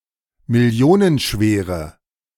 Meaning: inflection of millionenschwer: 1. strong/mixed nominative/accusative feminine singular 2. strong nominative/accusative plural 3. weak nominative all-gender singular
- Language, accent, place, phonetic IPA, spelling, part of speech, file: German, Germany, Berlin, [mɪˈli̯oːnənˌʃveːʁə], millionenschwere, adjective, De-millionenschwere.ogg